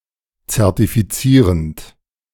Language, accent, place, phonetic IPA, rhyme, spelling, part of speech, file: German, Germany, Berlin, [t͡sɛʁtifiˈt͡siːʁənt], -iːʁənt, zertifizierend, verb, De-zertifizierend.ogg
- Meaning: present participle of zertifizieren